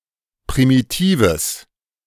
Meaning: strong/mixed nominative/accusative neuter singular of primitiv
- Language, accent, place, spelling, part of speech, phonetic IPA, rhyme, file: German, Germany, Berlin, primitives, adjective, [pʁimiˈtiːvəs], -iːvəs, De-primitives.ogg